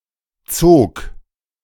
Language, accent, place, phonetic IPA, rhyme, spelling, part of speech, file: German, Germany, Berlin, [t͡soːk], -oːk, zog, verb, De-zog.ogg
- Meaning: first/third-person singular preterite of ziehen